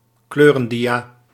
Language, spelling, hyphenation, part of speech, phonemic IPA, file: Dutch, kleurendia, kleu‧ren‧dia, noun, /ˈkløː.rə(n)ˌdi.aː/, Nl-kleurendia.ogg
- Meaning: colour slide